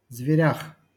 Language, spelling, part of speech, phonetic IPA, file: Russian, зверях, noun, [zvʲɪˈrʲax], LL-Q7737 (rus)-зверях.wav
- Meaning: prepositional plural of зверь (zverʹ)